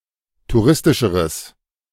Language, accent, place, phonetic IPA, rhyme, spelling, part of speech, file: German, Germany, Berlin, [tuˈʁɪstɪʃəʁəs], -ɪstɪʃəʁəs, touristischeres, adjective, De-touristischeres.ogg
- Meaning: strong/mixed nominative/accusative neuter singular comparative degree of touristisch